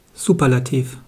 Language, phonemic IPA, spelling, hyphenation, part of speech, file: German, /ˈzuːpɐlatiːf/, Superlativ, Su‧per‧la‧tiv, noun, De-Superlativ.wav
- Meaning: superlative degree